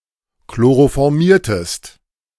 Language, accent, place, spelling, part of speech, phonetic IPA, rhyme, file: German, Germany, Berlin, chloroformiertest, verb, [kloʁofɔʁˈmiːɐ̯təst], -iːɐ̯təst, De-chloroformiertest.ogg
- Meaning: inflection of chloroformieren: 1. second-person singular preterite 2. second-person singular subjunctive II